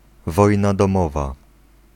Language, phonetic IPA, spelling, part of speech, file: Polish, [ˈvɔjna dɔ̃ˈmɔva], wojna domowa, noun, Pl-wojna domowa.ogg